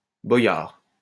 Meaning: alternative form of boyard
- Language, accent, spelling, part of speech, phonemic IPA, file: French, France, boïar, noun, /bɔ.jaʁ/, LL-Q150 (fra)-boïar.wav